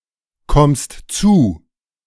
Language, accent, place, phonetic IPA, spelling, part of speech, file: German, Germany, Berlin, [ˌkɔmst ˈt͡suː], kommst zu, verb, De-kommst zu.ogg
- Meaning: second-person singular present of zukommen